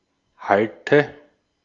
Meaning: nominative/accusative/genitive plural of Halt
- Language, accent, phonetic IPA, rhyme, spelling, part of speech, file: German, Austria, [ˈhaltə], -altə, Halte, noun, De-at-Halte.ogg